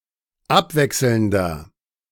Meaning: inflection of abwechselnd: 1. strong/mixed nominative masculine singular 2. strong genitive/dative feminine singular 3. strong genitive plural
- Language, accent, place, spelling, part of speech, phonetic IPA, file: German, Germany, Berlin, abwechselnder, adjective, [ˈapˌvɛksl̩ndɐ], De-abwechselnder.ogg